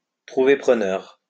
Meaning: to find a buyer, find a taker
- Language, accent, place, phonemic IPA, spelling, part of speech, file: French, France, Lyon, /tʁu.ve pʁə.nœʁ/, trouver preneur, verb, LL-Q150 (fra)-trouver preneur.wav